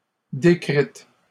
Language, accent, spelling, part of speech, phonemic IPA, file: French, Canada, décrites, verb, /de.kʁit/, LL-Q150 (fra)-décrites.wav
- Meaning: feminine plural of décrit